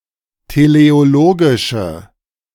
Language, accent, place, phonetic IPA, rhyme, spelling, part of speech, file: German, Germany, Berlin, [teleoˈloːɡɪʃə], -oːɡɪʃə, teleologische, adjective, De-teleologische.ogg
- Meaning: inflection of teleologisch: 1. strong/mixed nominative/accusative feminine singular 2. strong nominative/accusative plural 3. weak nominative all-gender singular